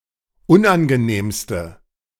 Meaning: inflection of unangenehm: 1. strong/mixed nominative/accusative feminine singular superlative degree 2. strong nominative/accusative plural superlative degree
- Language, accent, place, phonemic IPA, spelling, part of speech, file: German, Germany, Berlin, /ˈʊnʔanɡəˌneːmstə/, unangenehmste, adjective, De-unangenehmste.ogg